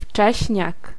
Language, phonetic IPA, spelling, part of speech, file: Polish, [ˈft͡ʃɛɕɲak], wcześniak, noun, Pl-wcześniak.ogg